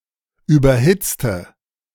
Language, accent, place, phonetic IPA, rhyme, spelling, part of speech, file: German, Germany, Berlin, [ˌyːbɐˈhɪt͡stə], -ɪt͡stə, überhitzte, adjective / verb, De-überhitzte.ogg
- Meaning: inflection of überhitzt: 1. strong/mixed nominative/accusative feminine singular 2. strong nominative/accusative plural 3. weak nominative all-gender singular